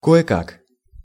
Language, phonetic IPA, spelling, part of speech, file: Russian, [ˌko(j)ɪ ˈkak], кое-как, adverb, Ru-кое-как.ogg
- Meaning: 1. anyhow, somehow, haphazardly, hit-or-miss, hurry-scurry, hugger-mugger, rough-and-ready, slapdash 2. with difficulty, with great difficulty